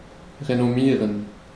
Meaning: to boast, to brag
- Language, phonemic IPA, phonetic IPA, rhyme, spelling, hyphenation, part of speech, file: German, /ʁenoˈmiːʁən/, [ʁenoˈmiːɐ̯n], -iːʁən, renommieren, re‧nom‧mie‧ren, verb, De-renommieren.ogg